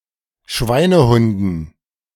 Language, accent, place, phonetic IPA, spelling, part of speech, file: German, Germany, Berlin, [ˈʃvaɪ̯nəˌhʊndn̩], Schweinehunden, noun, De-Schweinehunden.ogg
- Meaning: dative plural of Schweinehund